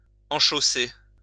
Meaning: alternative form of chausser
- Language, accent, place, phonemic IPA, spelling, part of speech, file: French, France, Lyon, /ɑ̃.ʃo.se/, enchausser, verb, LL-Q150 (fra)-enchausser.wav